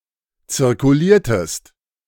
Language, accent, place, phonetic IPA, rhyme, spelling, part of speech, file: German, Germany, Berlin, [t͡sɪʁkuˈliːɐ̯təst], -iːɐ̯təst, zirkuliertest, verb, De-zirkuliertest.ogg
- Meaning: inflection of zirkulieren: 1. second-person singular preterite 2. second-person singular subjunctive II